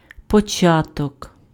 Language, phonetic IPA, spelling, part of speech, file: Ukrainian, [pɔˈt͡ʃatɔk], початок, noun, Uk-початок.ogg
- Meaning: 1. beginning, start 2. source, origin 3. ear, spike (fruiting body of a grain plant)